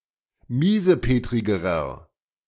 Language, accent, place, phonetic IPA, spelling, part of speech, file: German, Germany, Berlin, [ˈmiːzəˌpeːtʁɪɡəʁɐ], miesepetrigerer, adjective, De-miesepetrigerer.ogg
- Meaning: inflection of miesepetrig: 1. strong/mixed nominative masculine singular comparative degree 2. strong genitive/dative feminine singular comparative degree 3. strong genitive plural comparative degree